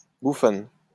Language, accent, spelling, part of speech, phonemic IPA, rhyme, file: French, France, bouffonne, noun / adjective, /bu.fɔn/, -ɔn, LL-Q150 (fra)-bouffonne.wav
- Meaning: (noun) female equivalent of bouffon; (adjective) feminine singular of bouffon